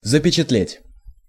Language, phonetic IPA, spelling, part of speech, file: Russian, [zəpʲɪt͡ɕɪtˈlʲetʲ], запечатлеть, verb, Ru-запечатлеть.ogg
- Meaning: 1. to imprint (in), to impress (in), to engrave (in) 2. to depict, to portray, to photograph